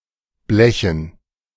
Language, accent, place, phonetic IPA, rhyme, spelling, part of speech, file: German, Germany, Berlin, [ˈblɛçn̩], -ɛçn̩, Blechen, noun, De-Blechen.ogg
- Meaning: dative plural of Blech